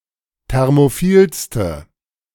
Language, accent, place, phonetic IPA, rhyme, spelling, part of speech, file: German, Germany, Berlin, [ˌtɛʁmoˈfiːlstə], -iːlstə, thermophilste, adjective, De-thermophilste.ogg
- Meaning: inflection of thermophil: 1. strong/mixed nominative/accusative feminine singular superlative degree 2. strong nominative/accusative plural superlative degree